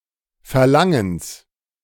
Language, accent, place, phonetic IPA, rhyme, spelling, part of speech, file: German, Germany, Berlin, [fɛɐ̯ˈlaŋəns], -aŋəns, Verlangens, noun, De-Verlangens.ogg
- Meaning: genitive singular of Verlangen